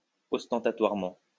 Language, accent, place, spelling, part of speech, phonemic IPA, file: French, France, Lyon, ostentatoirement, adverb, /ɔs.tɑ̃.ta.twaʁ.mɑ̃/, LL-Q150 (fra)-ostentatoirement.wav
- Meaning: ostentatiously